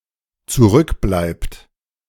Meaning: inflection of zurückbleiben: 1. third-person singular dependent present 2. second-person plural dependent present
- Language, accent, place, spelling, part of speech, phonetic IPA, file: German, Germany, Berlin, zurückbleibt, verb, [t͡suˈʁʏkˌblaɪ̯pt], De-zurückbleibt.ogg